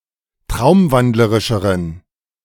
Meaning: inflection of traumwandlerisch: 1. strong genitive masculine/neuter singular comparative degree 2. weak/mixed genitive/dative all-gender singular comparative degree
- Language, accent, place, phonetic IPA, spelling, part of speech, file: German, Germany, Berlin, [ˈtʁaʊ̯mˌvandləʁɪʃəʁən], traumwandlerischeren, adjective, De-traumwandlerischeren.ogg